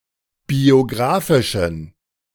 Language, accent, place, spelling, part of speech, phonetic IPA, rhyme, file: German, Germany, Berlin, biographischen, adjective, [bioˈɡʁaːfɪʃn̩], -aːfɪʃn̩, De-biographischen.ogg
- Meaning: inflection of biographisch: 1. strong genitive masculine/neuter singular 2. weak/mixed genitive/dative all-gender singular 3. strong/weak/mixed accusative masculine singular 4. strong dative plural